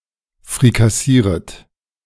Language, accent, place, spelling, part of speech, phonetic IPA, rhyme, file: German, Germany, Berlin, frikassieret, verb, [fʁikaˈsiːʁət], -iːʁət, De-frikassieret.ogg
- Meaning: second-person plural subjunctive I of frikassieren